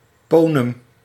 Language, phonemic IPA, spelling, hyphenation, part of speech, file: Dutch, /ˈpoː.nəm/, ponem, po‧nem, noun, Nl-ponem.ogg
- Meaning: punim, face